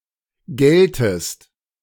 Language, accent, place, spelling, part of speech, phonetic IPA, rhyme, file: German, Germany, Berlin, gelltest, verb, [ˈɡɛltəst], -ɛltəst, De-gelltest.ogg
- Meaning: inflection of gellen: 1. second-person singular preterite 2. second-person singular subjunctive II